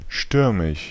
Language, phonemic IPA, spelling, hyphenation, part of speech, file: German, /ˈʃtʏʁmɪʃ/, stürmisch, stür‧misch, adjective, De-stürmisch.ogg
- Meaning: stormy